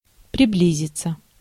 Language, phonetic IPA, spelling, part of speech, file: Russian, [prʲɪˈblʲizʲɪt͡sə], приблизиться, verb, Ru-приблизиться.ogg
- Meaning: 1. to draw near, to approach 2. to near 3. to approximate